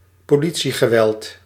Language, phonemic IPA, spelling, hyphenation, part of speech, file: Dutch, /poːˈli.(t)si.ɣəˌʋɛlt/, politiegeweld, po‧li‧tie‧ge‧weld, noun, Nl-politiegeweld.ogg
- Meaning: police violence